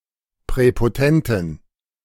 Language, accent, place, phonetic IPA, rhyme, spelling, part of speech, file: German, Germany, Berlin, [pʁɛpoˈtɛntn̩], -ɛntn̩, präpotenten, adjective, De-präpotenten.ogg
- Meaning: inflection of präpotent: 1. strong genitive masculine/neuter singular 2. weak/mixed genitive/dative all-gender singular 3. strong/weak/mixed accusative masculine singular 4. strong dative plural